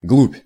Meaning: depth
- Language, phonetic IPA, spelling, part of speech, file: Russian, [ɡɫupʲ], глубь, noun, Ru-глубь.ogg